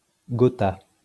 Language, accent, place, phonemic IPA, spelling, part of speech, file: French, France, Lyon, /ɡɔ.ta/, gotha, noun, LL-Q150 (fra)-gotha.wav
- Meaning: 1. aristocracy 2. high society